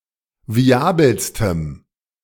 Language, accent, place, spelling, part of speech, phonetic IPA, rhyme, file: German, Germany, Berlin, viabelstem, adjective, [viˈaːbl̩stəm], -aːbl̩stəm, De-viabelstem.ogg
- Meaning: strong dative masculine/neuter singular superlative degree of viabel